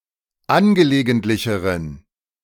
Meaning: inflection of angelegentlich: 1. strong genitive masculine/neuter singular comparative degree 2. weak/mixed genitive/dative all-gender singular comparative degree
- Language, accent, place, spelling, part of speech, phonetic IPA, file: German, Germany, Berlin, angelegentlicheren, adjective, [ˈanɡəleːɡəntlɪçəʁən], De-angelegentlicheren.ogg